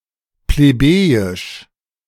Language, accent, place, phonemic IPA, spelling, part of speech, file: German, Germany, Berlin, /pleˈbeːjɪʃ/, plebejisch, adjective, De-plebejisch.ogg
- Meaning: plebeian, vulgar